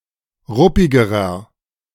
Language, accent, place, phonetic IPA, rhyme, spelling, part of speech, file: German, Germany, Berlin, [ˈʁʊpɪɡəʁɐ], -ʊpɪɡəʁɐ, ruppigerer, adjective, De-ruppigerer.ogg
- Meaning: inflection of ruppig: 1. strong/mixed nominative masculine singular comparative degree 2. strong genitive/dative feminine singular comparative degree 3. strong genitive plural comparative degree